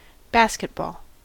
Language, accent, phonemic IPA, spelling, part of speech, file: English, US, /ˈbæs.kɪt.bɔl/, basketball, noun / verb, En-us-basketball.ogg
- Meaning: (noun) 1. A sport in which two opposing teams of five players strive to put a ball through a hoop 2. The particular kind of ball used in the sport of basketball; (verb) To play basketball